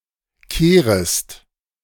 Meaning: second-person singular subjunctive I of kehren
- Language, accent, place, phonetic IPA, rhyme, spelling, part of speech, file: German, Germany, Berlin, [ˈkeːʁəst], -eːʁəst, kehrest, verb, De-kehrest.ogg